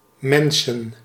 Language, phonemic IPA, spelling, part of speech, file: Dutch, /ˈmɛnsə(n)/, mensen, noun, Nl-mensen.ogg
- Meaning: 1. plural of mens 2. genitive singular of mens